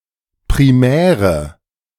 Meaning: inflection of primär: 1. strong/mixed nominative/accusative feminine singular 2. strong nominative/accusative plural 3. weak nominative all-gender singular 4. weak accusative feminine/neuter singular
- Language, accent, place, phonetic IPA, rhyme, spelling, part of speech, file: German, Germany, Berlin, [pʁiˈmɛːʁə], -ɛːʁə, primäre, adjective, De-primäre.ogg